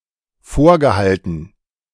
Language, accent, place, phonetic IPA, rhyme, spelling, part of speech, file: German, Germany, Berlin, [ˈfoːɐ̯ɡəˌhaltn̩], -oːɐ̯ɡəhaltn̩, vorgehalten, verb, De-vorgehalten.ogg
- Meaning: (verb) past participle of vorhalten; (adjective) held up